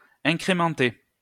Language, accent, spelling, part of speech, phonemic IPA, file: French, France, incrémenter, verb, /ɛ̃.kʁe.mɑ̃.te/, LL-Q150 (fra)-incrémenter.wav
- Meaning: to increment (to increase in steps)